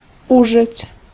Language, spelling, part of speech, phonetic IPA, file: Polish, użyć, verb, [ˈuʒɨt͡ɕ], Pl-użyć.ogg